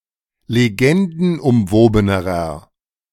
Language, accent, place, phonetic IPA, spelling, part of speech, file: German, Germany, Berlin, [leˈɡɛndn̩ʔʊmˌvoːbənəʁɐ], legendenumwobenerer, adjective, De-legendenumwobenerer.ogg
- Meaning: inflection of legendenumwoben: 1. strong/mixed nominative masculine singular comparative degree 2. strong genitive/dative feminine singular comparative degree